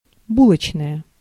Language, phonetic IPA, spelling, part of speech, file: Russian, [ˈbuɫət͡ɕnəjə], булочная, adjective / noun, Ru-булочная.ogg
- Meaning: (adjective) feminine nominative singular of бу́лочный (búločnyj); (noun) bakery, baker's